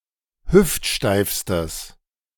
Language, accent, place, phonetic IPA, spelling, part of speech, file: German, Germany, Berlin, [ˈhʏftˌʃtaɪ̯fstəs], hüftsteifstes, adjective, De-hüftsteifstes.ogg
- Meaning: strong/mixed nominative/accusative neuter singular superlative degree of hüftsteif